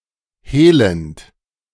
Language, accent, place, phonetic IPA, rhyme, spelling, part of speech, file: German, Germany, Berlin, [ˈheːlənt], -eːlənt, hehlend, verb, De-hehlend.ogg
- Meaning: present participle of hehlen